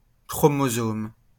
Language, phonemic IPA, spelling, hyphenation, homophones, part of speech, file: French, /kʁɔ.mo.zom/, chromosome, chro‧mo‧some, chromosomes, noun, LL-Q150 (fra)-chromosome.wav
- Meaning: chromosome